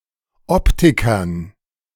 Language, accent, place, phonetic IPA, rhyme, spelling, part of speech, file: German, Germany, Berlin, [ˈɔptɪkɐn], -ɔptɪkɐn, Optikern, noun, De-Optikern.ogg
- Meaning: dative plural of Optiker